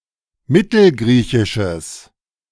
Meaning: strong/mixed nominative/accusative neuter singular of mittelgriechisch
- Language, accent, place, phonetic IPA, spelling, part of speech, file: German, Germany, Berlin, [ˈmɪtl̩ˌɡʁiːçɪʃəs], mittelgriechisches, adjective, De-mittelgriechisches.ogg